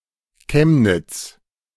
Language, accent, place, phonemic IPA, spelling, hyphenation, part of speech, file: German, Germany, Berlin, /ˈkɛmnɪt͡s/, Chemnitz, Chem‧nitz, proper noun, De-Chemnitz.ogg
- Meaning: 1. Chemnitz (an independent city in Saxony, Germany) 2. a surname transferred from the place name